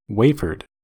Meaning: simple past and past participle of wafer
- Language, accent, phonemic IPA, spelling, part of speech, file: English, US, /ˈweɪ.fɚd/, wafered, verb, En-us-wafered.ogg